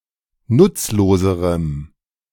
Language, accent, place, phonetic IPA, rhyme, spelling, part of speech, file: German, Germany, Berlin, [ˈnʊt͡sloːzəʁəm], -ʊt͡sloːzəʁəm, nutzloserem, adjective, De-nutzloserem.ogg
- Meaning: strong dative masculine/neuter singular comparative degree of nutzlos